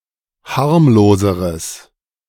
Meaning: strong/mixed nominative/accusative neuter singular comparative degree of harmlos
- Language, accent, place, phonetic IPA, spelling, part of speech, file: German, Germany, Berlin, [ˈhaʁmloːzəʁəs], harmloseres, adjective, De-harmloseres.ogg